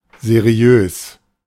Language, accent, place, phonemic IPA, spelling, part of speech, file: German, Germany, Berlin, /zeˈri̯øːs/, seriös, adjective, De-seriös.ogg
- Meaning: 1. reputable, respectable, dignified; not shady or dubious; appearing civil, reliable, legitimate 2. giving such an impression, thus formal, elegant